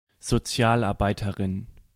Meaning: female social worker
- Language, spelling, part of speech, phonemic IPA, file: German, Sozialarbeiterin, noun, /zoˈtsjaːlaʁˌbaɪtɐʁɪn/, De-Sozialarbeiterin.ogg